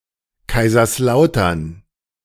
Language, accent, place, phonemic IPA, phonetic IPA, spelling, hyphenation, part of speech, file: German, Germany, Berlin, /kaɪ̯zərsˈlaʊ̯tərn/, [ˌkaɪ̯.zɐsˈlaʊ̯.tɐn], Kaiserslautern, Kai‧sers‧lau‧tern, proper noun, De-Kaiserslautern2.ogg
- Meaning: Kaiserslautern (an independent town in Rhineland-Palatinate)